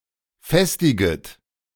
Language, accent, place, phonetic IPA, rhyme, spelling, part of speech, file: German, Germany, Berlin, [ˈfɛstɪɡət], -ɛstɪɡət, festiget, verb, De-festiget.ogg
- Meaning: second-person plural subjunctive I of festigen